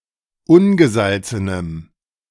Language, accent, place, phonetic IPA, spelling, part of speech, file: German, Germany, Berlin, [ˈʊnɡəˌzalt͡sənəm], ungesalzenem, adjective, De-ungesalzenem.ogg
- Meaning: strong dative masculine/neuter singular of ungesalzen